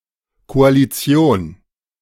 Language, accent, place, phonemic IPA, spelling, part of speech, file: German, Germany, Berlin, /koaliˈt͡si̯oːn/, Koalition, noun, De-Koalition.ogg
- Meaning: coalition (group of parties cooperating towards a common goal)